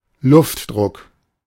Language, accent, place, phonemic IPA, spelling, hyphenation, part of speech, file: German, Germany, Berlin, /ˈlʊftˌdʁʊk/, Luftdruck, Luft‧druck, noun, De-Luftdruck.ogg
- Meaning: air pressure